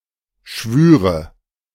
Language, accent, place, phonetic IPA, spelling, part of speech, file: German, Germany, Berlin, [ˈʃvyːʁə], Schwüre, noun, De-Schwüre.ogg
- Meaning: nominative/accusative/genitive plural of Schwur